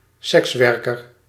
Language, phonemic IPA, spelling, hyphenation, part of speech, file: Dutch, /ˈsɛksˌʋɛr.kər/, sekswerker, seks‧wer‧ker, noun, Nl-sekswerker.ogg
- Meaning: sex worker